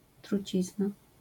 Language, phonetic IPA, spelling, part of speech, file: Polish, [truˈt͡ɕizna], trucizna, noun, LL-Q809 (pol)-trucizna.wav